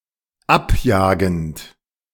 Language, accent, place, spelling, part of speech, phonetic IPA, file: German, Germany, Berlin, abjagend, verb, [ˈapˌjaːɡn̩t], De-abjagend.ogg
- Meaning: present participle of abjagen